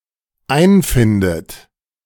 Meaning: inflection of einfinden: 1. third-person singular dependent present 2. second-person plural dependent present 3. second-person plural dependent subjunctive I
- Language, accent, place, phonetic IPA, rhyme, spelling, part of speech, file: German, Germany, Berlin, [ˈaɪ̯nˌfɪndət], -aɪ̯nfɪndət, einfindet, verb, De-einfindet.ogg